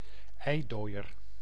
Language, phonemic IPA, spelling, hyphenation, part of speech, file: Dutch, /ˈɛi̯ˌdoː.ər/, eidooier, ei‧dooi‧er, noun, Nl-eidooier.ogg
- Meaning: egg yolk